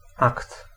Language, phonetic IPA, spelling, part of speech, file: Polish, [akt], akt, noun, Pl-akt.ogg